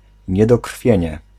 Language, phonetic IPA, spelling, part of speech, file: Polish, [ˌɲɛdɔˈkr̥fʲjɛ̇̃ɲɛ], niedokrwienie, noun, Pl-niedokrwienie.ogg